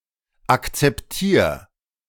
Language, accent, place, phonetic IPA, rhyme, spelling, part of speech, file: German, Germany, Berlin, [ˌakt͡sɛpˈtiːɐ̯], -iːɐ̯, akzeptier, verb, De-akzeptier.ogg
- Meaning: 1. singular imperative of akzeptieren 2. first-person singular present of akzeptieren